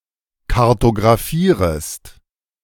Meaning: second-person singular subjunctive I of kartografieren
- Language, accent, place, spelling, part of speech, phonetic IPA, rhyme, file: German, Germany, Berlin, kartografierest, verb, [kaʁtoɡʁaˈfiːʁəst], -iːʁəst, De-kartografierest.ogg